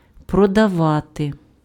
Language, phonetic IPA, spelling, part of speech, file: Ukrainian, [prɔdɐˈʋate], продавати, verb, Uk-продавати.ogg
- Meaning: to sell (to agree to transfer goods or provide services)